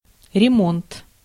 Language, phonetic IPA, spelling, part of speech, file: Russian, [rʲɪˈmont], ремонт, noun, Ru-ремонт.ogg
- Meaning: 1. repair, overhaul 2. maintenance 3. mending, renovation, refurbishment 4. refit 5. remount service